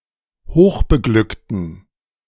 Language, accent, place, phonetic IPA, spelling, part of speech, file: German, Germany, Berlin, [ˈhoːxbəˌɡlʏktən], hochbeglückten, adjective, De-hochbeglückten.ogg
- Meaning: inflection of hochbeglückt: 1. strong genitive masculine/neuter singular 2. weak/mixed genitive/dative all-gender singular 3. strong/weak/mixed accusative masculine singular 4. strong dative plural